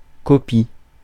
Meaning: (noun) 1. copying 2. copy; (verb) inflection of copier: 1. first/third-person singular present indicative/subjunctive 2. second-person singular imperative
- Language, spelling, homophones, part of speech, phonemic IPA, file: French, copie, copient / copies, noun / verb, /kɔ.pi/, Fr-copie.ogg